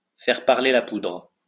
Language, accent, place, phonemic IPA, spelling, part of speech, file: French, France, Lyon, /fɛʁ paʁ.le la pudʁ/, faire parler la poudre, verb, LL-Q150 (fra)-faire parler la poudre.wav
- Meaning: to let guns do the talking; to settle the argument with guns